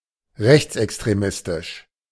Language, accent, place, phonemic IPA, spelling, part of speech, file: German, Germany, Berlin, /ˈʁɛçt͡sʔɛkstʁeˌmɪstɪʃ/, rechtsextremistisch, adjective, De-rechtsextremistisch.ogg
- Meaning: right-wing extremist